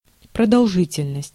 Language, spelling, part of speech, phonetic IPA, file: Russian, продолжительность, noun, [prədɐɫˈʐɨtʲɪlʲnəsʲtʲ], Ru-продолжительность.ogg
- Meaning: duration; continuance